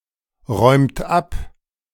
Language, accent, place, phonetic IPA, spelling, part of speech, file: German, Germany, Berlin, [ˌʁɔɪ̯mt ˈap], räumt ab, verb, De-räumt ab.ogg
- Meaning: inflection of abräumen: 1. second-person plural present 2. third-person singular present 3. plural imperative